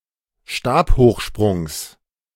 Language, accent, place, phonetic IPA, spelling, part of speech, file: German, Germany, Berlin, [ˈʃtaːphoːxˌʃpʁʊŋs], Stabhochsprungs, noun, De-Stabhochsprungs.ogg
- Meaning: genitive of Stabhochsprung